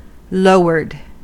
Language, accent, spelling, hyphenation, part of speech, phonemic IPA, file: English, US, lowered, low‧ered, verb, /ˈloʊɚd/, En-us-lowered.ogg
- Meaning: simple past and past participle of lower